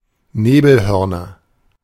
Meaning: nominative/accusative/genitive plural of Nebelhorn
- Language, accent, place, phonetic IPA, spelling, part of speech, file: German, Germany, Berlin, [ˈneːbl̩ˌhœʁnɐ], Nebelhörner, noun, De-Nebelhörner.ogg